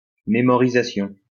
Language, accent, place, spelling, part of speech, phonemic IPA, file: French, France, Lyon, mémorisation, noun, /me.mɔ.ʁi.za.sjɔ̃/, LL-Q150 (fra)-mémorisation.wav
- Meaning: memorizing, memorization